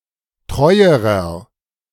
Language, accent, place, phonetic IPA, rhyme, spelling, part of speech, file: German, Germany, Berlin, [ˈtʁɔɪ̯əʁɐ], -ɔɪ̯əʁɐ, treuerer, adjective, De-treuerer.ogg
- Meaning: inflection of treu: 1. strong/mixed nominative masculine singular comparative degree 2. strong genitive/dative feminine singular comparative degree 3. strong genitive plural comparative degree